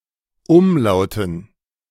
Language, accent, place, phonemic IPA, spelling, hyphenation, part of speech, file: German, Germany, Berlin, /ˈʊmˌlaʊ̯tn̩/, Umlauten, Um‧lau‧ten, noun, De-Umlauten.ogg
- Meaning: 1. gerund of umlauten 2. dative plural of Umlaut